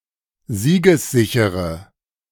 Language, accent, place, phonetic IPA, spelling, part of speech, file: German, Germany, Berlin, [ˈziːɡəsˌzɪçəʁə], siegessichere, adjective, De-siegessichere.ogg
- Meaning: inflection of siegessicher: 1. strong/mixed nominative/accusative feminine singular 2. strong nominative/accusative plural 3. weak nominative all-gender singular